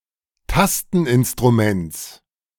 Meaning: genitive singular of Tasteninstrument
- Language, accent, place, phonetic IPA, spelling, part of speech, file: German, Germany, Berlin, [ˈtastn̩ʔɪnstʁuˌmɛnt͡s], Tasteninstruments, noun, De-Tasteninstruments.ogg